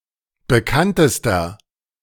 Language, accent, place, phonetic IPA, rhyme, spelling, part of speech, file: German, Germany, Berlin, [bəˈkantəstɐ], -antəstɐ, bekanntester, adjective, De-bekanntester.ogg
- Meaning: inflection of bekannt: 1. strong/mixed nominative masculine singular superlative degree 2. strong genitive/dative feminine singular superlative degree 3. strong genitive plural superlative degree